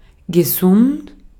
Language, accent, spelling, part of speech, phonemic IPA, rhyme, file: German, Austria, gesund, adjective, /ɡeˈsʊnt/, -ʊnt, De-at-gesund.ogg
- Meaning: 1. healthy (enjoying health) 2. healthy (conducive to health)